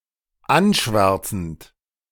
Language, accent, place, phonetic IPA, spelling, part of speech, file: German, Germany, Berlin, [ˈanˌʃvɛʁt͡sn̩t], anschwärzend, verb, De-anschwärzend.ogg
- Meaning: present participle of anschwärzen